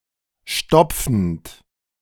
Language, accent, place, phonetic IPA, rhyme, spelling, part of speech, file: German, Germany, Berlin, [ˈʃtɔp͡fn̩t], -ɔp͡fn̩t, stopfend, verb, De-stopfend.ogg
- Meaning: present participle of stopfen